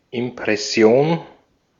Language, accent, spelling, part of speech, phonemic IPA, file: German, Austria, Impression, noun, /ɪmpʁɛˈsi̯oːn/, De-at-Impression.ogg
- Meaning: impression